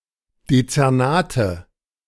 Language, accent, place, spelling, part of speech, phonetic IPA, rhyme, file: German, Germany, Berlin, Dezernate, noun, [det͡sɛʁˈnaːtə], -aːtə, De-Dezernate.ogg
- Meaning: nominative/accusative/genitive plural of Dezernat